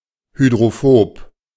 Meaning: hydrophobic (lacking an affinity for water)
- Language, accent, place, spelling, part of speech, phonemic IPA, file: German, Germany, Berlin, hydrophob, adjective, /ˌhydʁoˈfoːp/, De-hydrophob.ogg